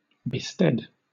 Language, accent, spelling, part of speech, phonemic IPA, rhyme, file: English, Southern England, bested, verb, /bɪˈstɛd/, -ɛd, LL-Q1860 (eng)-bested.wav
- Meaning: Alternative form of bestead